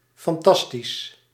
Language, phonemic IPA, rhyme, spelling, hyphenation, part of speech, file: Dutch, /fɑnˈtɑs.tis/, -is, fantastisch, fan‧tas‧tisch, adjective, Nl-fantastisch.ogg
- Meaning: 1. fantastic, great 2. fantastic, imaginative 3. unreal, unrealistic, fantastical